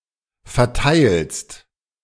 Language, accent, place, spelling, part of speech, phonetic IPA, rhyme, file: German, Germany, Berlin, verteilst, verb, [fɛɐ̯ˈtaɪ̯lst], -aɪ̯lst, De-verteilst.ogg
- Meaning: second-person singular present of verteilen